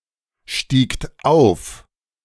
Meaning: second-person plural preterite of aufsteigen
- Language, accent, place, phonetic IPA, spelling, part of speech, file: German, Germany, Berlin, [ˌʃtiːkt ˈaʊ̯f], stiegt auf, verb, De-stiegt auf.ogg